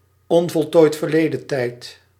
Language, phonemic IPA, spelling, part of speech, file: Dutch, /oveˈte/, o.v.t., noun, Nl-o.v.t..ogg
- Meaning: abbreviation of onvoltooid verleden tijd